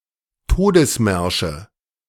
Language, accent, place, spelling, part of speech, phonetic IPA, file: German, Germany, Berlin, Todesmärsche, noun, [ˈtoːdəsˌmɛʁʃə], De-Todesmärsche.ogg
- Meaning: nominative/accusative/genitive plural of Todesmarsch